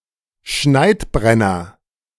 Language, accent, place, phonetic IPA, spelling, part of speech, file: German, Germany, Berlin, [ˈʃnaɪ̯tˌbʁɛnɐ], Schneidbrenner, noun, De-Schneidbrenner.ogg
- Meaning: blowtorch (for cutting metal)